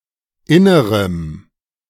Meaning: strong dative masculine/neuter singular of inner
- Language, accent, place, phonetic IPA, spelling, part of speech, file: German, Germany, Berlin, [ˈɪnəʁəm], innerem, adjective, De-innerem.ogg